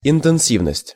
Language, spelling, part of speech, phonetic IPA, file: Russian, интенсивность, noun, [ɪntɨn⁽ʲ⁾ˈsʲivnəsʲtʲ], Ru-интенсивность.ogg
- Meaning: intensity, tenseness